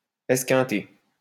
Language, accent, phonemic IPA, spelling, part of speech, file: French, France, /ɛs.kɛ̃.te/, esquinter, verb, LL-Q150 (fra)-esquinter.wav
- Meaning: to damage, ruin, or wear out, especially through use or misuse